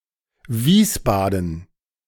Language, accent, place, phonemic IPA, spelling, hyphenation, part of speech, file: German, Germany, Berlin, /ˈviːsˌbaːdn̩/, Wiesbaden, Wies‧ba‧den, proper noun, De-Wiesbaden.ogg
- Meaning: Wiesbaden (the capital city of the state of Hesse, Germany)